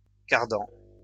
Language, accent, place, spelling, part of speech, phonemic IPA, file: French, France, Lyon, cardan, noun, /kaʁ.dɑ̃/, LL-Q150 (fra)-cardan.wav
- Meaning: 1. universal joint 2. gimbal